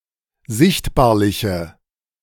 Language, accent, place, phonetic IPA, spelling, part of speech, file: German, Germany, Berlin, [ˈzɪçtbaːɐ̯lɪçə], sichtbarliche, adjective, De-sichtbarliche.ogg
- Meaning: inflection of sichtbarlich: 1. strong/mixed nominative/accusative feminine singular 2. strong nominative/accusative plural 3. weak nominative all-gender singular